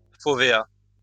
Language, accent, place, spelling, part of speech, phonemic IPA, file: French, France, Lyon, fovéa, noun, /fɔ.ve.a/, LL-Q150 (fra)-fovéa.wav
- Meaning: fovea; retinal fovea